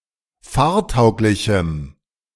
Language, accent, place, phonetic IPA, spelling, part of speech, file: German, Germany, Berlin, [ˈfaːɐ̯ˌtaʊ̯klɪçm̩], fahrtauglichem, adjective, De-fahrtauglichem.ogg
- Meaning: strong dative masculine/neuter singular of fahrtauglich